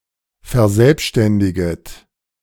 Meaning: second-person plural subjunctive I of verselbständigen
- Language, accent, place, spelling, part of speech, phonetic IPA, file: German, Germany, Berlin, verselbständiget, verb, [fɛɐ̯ˈzɛlpʃtɛndɪɡət], De-verselbständiget.ogg